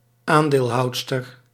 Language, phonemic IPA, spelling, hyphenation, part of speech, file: Dutch, /ˈaːn.deːlˌɦɑu̯t.stər/, aandeelhoudster, aan‧deel‧houd‧ster, noun, Nl-aandeelhoudster.ogg
- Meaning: female shareholder